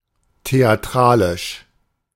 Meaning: 1. theatrical (of or relating to the theatre) 2. histrionic (excessively dramatic)
- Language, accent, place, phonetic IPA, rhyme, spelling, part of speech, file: German, Germany, Berlin, [teaˈtʁaːlɪʃ], -aːlɪʃ, theatralisch, adjective, De-theatralisch.ogg